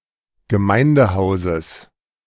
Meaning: genitive singular of Gemeindehaus
- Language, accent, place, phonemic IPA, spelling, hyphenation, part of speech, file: German, Germany, Berlin, /ɡəˈmaɪ̯ndəˌhaʊ̯zəs/, Gemeindehauses, Ge‧mein‧de‧hau‧ses, noun, De-Gemeindehauses.ogg